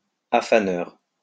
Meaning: journeyman (day labourer)
- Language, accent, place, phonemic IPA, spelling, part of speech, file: French, France, Lyon, /a.fa.nœʁ/, affaneur, noun, LL-Q150 (fra)-affaneur.wav